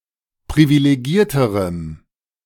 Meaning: strong dative masculine/neuter singular comparative degree of privilegiert
- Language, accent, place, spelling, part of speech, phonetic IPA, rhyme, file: German, Germany, Berlin, privilegierterem, adjective, [pʁivileˈɡiːɐ̯təʁəm], -iːɐ̯təʁəm, De-privilegierterem.ogg